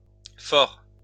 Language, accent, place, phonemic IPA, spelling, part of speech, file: French, France, Lyon, /fɔʁ/, fors, noun / preposition, LL-Q150 (fra)-fors.wav
- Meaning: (noun) plural of for; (preposition) except, save